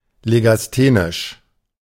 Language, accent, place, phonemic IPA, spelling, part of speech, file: German, Germany, Berlin, /ˌleɡasˈtenɪʃ/, legasthenisch, adjective, De-legasthenisch.ogg
- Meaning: dyslexic, dyslectic (having dyslexia)